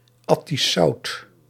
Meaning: ingenious, subtle humour; Attic salt
- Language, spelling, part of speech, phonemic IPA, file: Dutch, Attisch zout, noun, /ˌɑ.tis ˈzɑu̯t/, Nl-Attisch zout.ogg